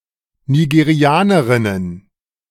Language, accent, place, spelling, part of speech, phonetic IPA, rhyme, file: German, Germany, Berlin, Nigerianerinnen, noun, [niɡeˈʁi̯aːnəʁɪnən], -aːnəʁɪnən, De-Nigerianerinnen.ogg
- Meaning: plural of Nigerianerin